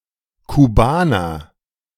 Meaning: Cuban (a person from Cuba)
- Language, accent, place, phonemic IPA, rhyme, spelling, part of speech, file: German, Germany, Berlin, /kuˈbaːnɐ/, -aːnɐ, Kubaner, proper noun, De-Kubaner.ogg